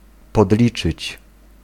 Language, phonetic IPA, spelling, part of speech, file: Polish, [pɔdˈlʲit͡ʃɨt͡ɕ], podliczyć, verb, Pl-podliczyć.ogg